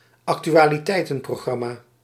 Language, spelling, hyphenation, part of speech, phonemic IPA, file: Dutch, actualiteitenprogramma, ac‧tu‧a‧li‧tei‧ten‧pro‧gram‧ma, noun, /ɑk.ty.aː.liˈtɛi̯.tə(n).proːˌɣrɑ.maː/, Nl-actualiteitenprogramma.ogg
- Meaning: current-affairs programme